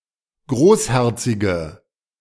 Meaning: inflection of großherzig: 1. strong/mixed nominative/accusative feminine singular 2. strong nominative/accusative plural 3. weak nominative all-gender singular
- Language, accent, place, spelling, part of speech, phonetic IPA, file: German, Germany, Berlin, großherzige, adjective, [ˈɡʁoːsˌhɛʁt͡sɪɡə], De-großherzige.ogg